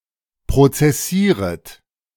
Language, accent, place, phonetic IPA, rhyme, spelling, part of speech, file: German, Germany, Berlin, [pʁot͡sɛˈsiːʁət], -iːʁət, prozessieret, verb, De-prozessieret.ogg
- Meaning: second-person plural subjunctive I of prozessieren